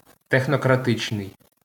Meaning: technocratic
- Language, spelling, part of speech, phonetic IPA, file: Ukrainian, технократичний, adjective, [texnɔkrɐˈtɪt͡ʃnei̯], LL-Q8798 (ukr)-технократичний.wav